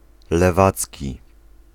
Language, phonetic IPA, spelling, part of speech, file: Polish, [lɛˈvat͡sʲci], lewacki, adjective, Pl-lewacki.ogg